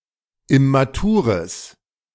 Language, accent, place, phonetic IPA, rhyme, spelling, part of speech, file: German, Germany, Berlin, [ɪmaˈtuːʁəs], -uːʁəs, immatures, adjective, De-immatures.ogg
- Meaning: strong/mixed nominative/accusative neuter singular of immatur